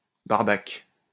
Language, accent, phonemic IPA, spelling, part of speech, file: French, France, /baʁ.bak/, barbaque, noun, LL-Q150 (fra)-barbaque.wav
- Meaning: meat